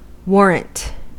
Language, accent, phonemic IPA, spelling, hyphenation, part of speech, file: English, General American, /ˈwɔɹənt/, warrant, war‧rant, noun / verb, En-us-warrant.ogg
- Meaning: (noun) 1. Authorization or certification; a sanction, as given by a superior 2. Something that provides assurance or confirmation; a guarantee or proof